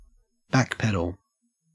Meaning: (verb) 1. To pedal backwards on a bicycle 2. To step backwards 3. To distance oneself from an earlier claim or statement; back off from an idea; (noun) An act of backpedalling (in any sense)
- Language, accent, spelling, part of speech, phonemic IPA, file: English, Australia, backpedal, verb / noun, /ˈbækˌpɛdəɫ/, En-au-backpedal.ogg